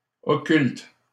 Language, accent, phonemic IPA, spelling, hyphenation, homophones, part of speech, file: French, Canada, /ɔ.kylt/, occulte, o‧cculte, occultent / occultes, adjective / noun / verb, LL-Q150 (fra)-occulte.wav
- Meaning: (adjective) occult; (noun) occult (supernatural affairs); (verb) inflection of occulter: 1. first/third-person singular present indicative/subjunctive 2. second-person singular imperative